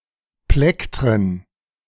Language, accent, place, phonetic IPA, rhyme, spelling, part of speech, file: German, Germany, Berlin, [ˈplɛktʁən], -ɛktʁən, Plektren, noun, De-Plektren.ogg
- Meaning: 1. plural of Plektron 2. plural of Plektrum